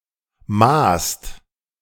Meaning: second-person singular/plural preterite of messen
- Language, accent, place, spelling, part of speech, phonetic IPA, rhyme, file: German, Germany, Berlin, maßt, verb, [maːst], -aːst, De-maßt.ogg